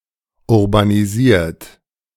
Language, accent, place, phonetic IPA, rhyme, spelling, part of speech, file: German, Germany, Berlin, [ʊʁbaniˈziːɐ̯t], -iːɐ̯t, urbanisiert, verb, De-urbanisiert.ogg
- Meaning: 1. past participle of urbanisieren 2. inflection of urbanisieren: third-person singular present 3. inflection of urbanisieren: second-person plural present